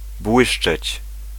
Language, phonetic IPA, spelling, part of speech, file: Polish, [ˈbwɨʃt͡ʃɛt͡ɕ], błyszczeć, verb, Pl-błyszczeć.ogg